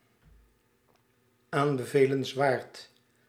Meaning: recommendable, advisable
- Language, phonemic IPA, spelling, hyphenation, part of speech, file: Dutch, /ˌaːn.bə.veː.ləns.ˈʋaːrt/, aanbevelenswaard, aan‧be‧ve‧lens‧waard, adjective, Nl-aanbevelenswaard.ogg